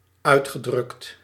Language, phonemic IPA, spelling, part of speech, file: Dutch, /ˈœy̯txəˌdrʏkt/, uitgedrukt, verb, Nl-uitgedrukt.ogg
- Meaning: past participle of uitdrukken